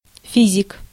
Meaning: 1. physicist 2. genitive plural of фи́зика (fízika)
- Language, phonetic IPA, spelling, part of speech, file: Russian, [ˈfʲizʲɪk], физик, noun, Ru-физик.ogg